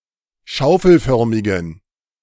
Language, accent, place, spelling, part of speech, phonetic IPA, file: German, Germany, Berlin, schaufelförmigen, adjective, [ˈʃaʊ̯fl̩ˌfœʁmɪɡn̩], De-schaufelförmigen.ogg
- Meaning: inflection of schaufelförmig: 1. strong genitive masculine/neuter singular 2. weak/mixed genitive/dative all-gender singular 3. strong/weak/mixed accusative masculine singular 4. strong dative plural